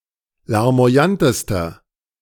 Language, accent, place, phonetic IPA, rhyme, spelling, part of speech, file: German, Germany, Berlin, [laʁmo̯aˈjantəstɐ], -antəstɐ, larmoyantester, adjective, De-larmoyantester.ogg
- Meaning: inflection of larmoyant: 1. strong/mixed nominative masculine singular superlative degree 2. strong genitive/dative feminine singular superlative degree 3. strong genitive plural superlative degree